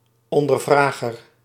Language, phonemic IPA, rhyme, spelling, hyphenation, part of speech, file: Dutch, /ɔndərˈvraːɣər/, -aːɣər, ondervrager, on‧der‧vra‧ger, noun, Nl-ondervrager.ogg
- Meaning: interrogator